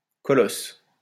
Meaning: 1. colossus 2. large person; a giant
- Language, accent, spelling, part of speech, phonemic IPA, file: French, France, colosse, noun, /kɔ.lɔs/, LL-Q150 (fra)-colosse.wav